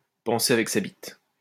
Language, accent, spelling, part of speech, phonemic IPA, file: French, France, penser avec sa bite, verb, /pɑ̃.se a.vɛk sa bit/, LL-Q150 (fra)-penser avec sa bite.wav
- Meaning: to think with one's little head, to think with one's cock, to think with one's dick